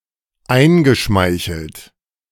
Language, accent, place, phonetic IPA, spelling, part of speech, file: German, Germany, Berlin, [ˈaɪ̯nɡəˌʃmaɪ̯çl̩t], eingeschmeichelt, verb, De-eingeschmeichelt.ogg
- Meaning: past participle of einschmeicheln